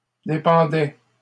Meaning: third-person plural imperfect indicative of dépendre
- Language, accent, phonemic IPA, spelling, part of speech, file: French, Canada, /de.pɑ̃.dɛ/, dépendaient, verb, LL-Q150 (fra)-dépendaient.wav